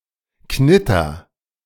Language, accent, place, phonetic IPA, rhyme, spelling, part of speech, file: German, Germany, Berlin, [ˈknɪtɐ], -ɪtɐ, knitter, verb, De-knitter.ogg
- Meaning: inflection of knittern: 1. first-person singular present 2. singular imperative